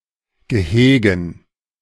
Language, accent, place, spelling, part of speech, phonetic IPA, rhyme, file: German, Germany, Berlin, Gehegen, noun, [ɡəˈheːɡn̩], -eːɡn̩, De-Gehegen.ogg
- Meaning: dative plural of Gehege